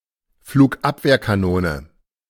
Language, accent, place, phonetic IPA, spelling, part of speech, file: German, Germany, Berlin, [fluːkˈʔapveːɐ̯kaˌnoːnə], Flugabwehrkanone, noun, De-Flugabwehrkanone.ogg
- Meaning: synonym of Fliegerabwehrkanone